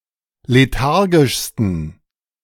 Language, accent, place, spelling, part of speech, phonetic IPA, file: German, Germany, Berlin, lethargischsten, adjective, [leˈtaʁɡɪʃstn̩], De-lethargischsten.ogg
- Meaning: 1. superlative degree of lethargisch 2. inflection of lethargisch: strong genitive masculine/neuter singular superlative degree